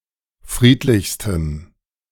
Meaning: strong dative masculine/neuter singular superlative degree of friedlich
- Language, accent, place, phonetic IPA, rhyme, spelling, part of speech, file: German, Germany, Berlin, [ˈfʁiːtlɪçstəm], -iːtlɪçstəm, friedlichstem, adjective, De-friedlichstem.ogg